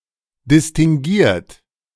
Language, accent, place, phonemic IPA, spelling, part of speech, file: German, Germany, Berlin, /distiŋɡuˈiːɐ̯t/, distinguiert, adjective, De-distinguiert.ogg
- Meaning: distinguished